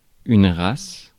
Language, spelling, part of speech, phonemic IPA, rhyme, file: French, race, noun, /ʁas/, -as, Fr-race.ogg
- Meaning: 1. race (classification) 2. kind 3. breed